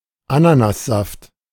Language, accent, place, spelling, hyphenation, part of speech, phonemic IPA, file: German, Germany, Berlin, Ananassaft, A‧na‧nas‧saft, noun, /ˈananasˌzaft/, De-Ananassaft.ogg
- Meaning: pineapple juice